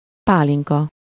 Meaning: brandy (a traditional Hungarian fruit brandy)
- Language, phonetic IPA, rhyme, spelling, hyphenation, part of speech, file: Hungarian, [ˈpaːliŋkɒ], -kɒ, pálinka, pá‧lin‧ka, noun, Hu-pálinka.ogg